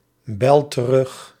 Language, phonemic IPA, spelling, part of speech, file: Dutch, /ˈbɛl t(ə)ˈrʏx/, bel terug, verb, Nl-bel terug.ogg
- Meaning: inflection of terugbellen: 1. first-person singular present indicative 2. second-person singular present indicative 3. imperative